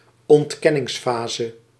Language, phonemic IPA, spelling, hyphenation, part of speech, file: Dutch, /ˈɔnt.kɛ.nɪŋˌfaː.zə/, ontkenningsfase, ont‧ken‧nings‧fa‧se, noun, Nl-ontkenningsfase.ogg
- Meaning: stage of denial